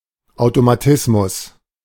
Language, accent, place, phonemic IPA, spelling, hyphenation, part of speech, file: German, Germany, Berlin, /aʊ̯tomaˈtɪsmʊs/, Automatismus, Au‧to‧ma‧tis‧mus, noun, De-Automatismus.ogg
- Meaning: 1. automatism 2. certainty, guarantee (an outcome or process that is certain to happen on its own after the initial condition is met)